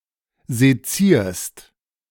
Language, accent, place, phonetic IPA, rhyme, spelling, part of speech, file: German, Germany, Berlin, [zeˈt͡siːɐ̯st], -iːɐ̯st, sezierst, verb, De-sezierst.ogg
- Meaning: second-person singular present of sezieren